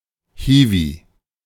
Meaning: unskilled worker, grunt, hand, drudge
- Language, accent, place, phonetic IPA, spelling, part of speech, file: German, Germany, Berlin, [ˈhiːvi], Hiwi, noun, De-Hiwi.ogg